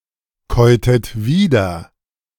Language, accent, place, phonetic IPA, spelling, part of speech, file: German, Germany, Berlin, [ˌkɔɪ̯təst ˈviːdɐ], käutest wieder, verb, De-käutest wieder.ogg
- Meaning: inflection of wiederkäuen: 1. second-person singular preterite 2. second-person singular subjunctive II